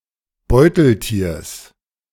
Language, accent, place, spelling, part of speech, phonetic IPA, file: German, Germany, Berlin, Beuteltiers, noun, [ˈbɔɪ̯tl̩ˌtiːɐ̯s], De-Beuteltiers.ogg
- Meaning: genitive singular of Beuteltier